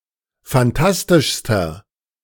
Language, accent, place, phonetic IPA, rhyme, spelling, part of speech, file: German, Germany, Berlin, [fanˈtastɪʃstɐ], -astɪʃstɐ, phantastischster, adjective, De-phantastischster.ogg
- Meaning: inflection of phantastisch: 1. strong/mixed nominative masculine singular superlative degree 2. strong genitive/dative feminine singular superlative degree 3. strong genitive plural superlative degree